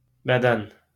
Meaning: body
- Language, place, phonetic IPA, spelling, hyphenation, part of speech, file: Azerbaijani, Baku, [bæˈdæn], bədən, bə‧dən, noun, LL-Q9292 (aze)-bədən.wav